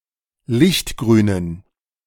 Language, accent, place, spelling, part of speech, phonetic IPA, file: German, Germany, Berlin, lichtgrünen, adjective, [ˈlɪçtˌɡʁyːnən], De-lichtgrünen.ogg
- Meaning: inflection of lichtgrün: 1. strong genitive masculine/neuter singular 2. weak/mixed genitive/dative all-gender singular 3. strong/weak/mixed accusative masculine singular 4. strong dative plural